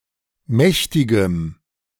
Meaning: strong dative masculine/neuter singular of mächtig
- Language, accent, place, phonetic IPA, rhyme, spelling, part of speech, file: German, Germany, Berlin, [ˈmɛçtɪɡəm], -ɛçtɪɡəm, mächtigem, adjective, De-mächtigem.ogg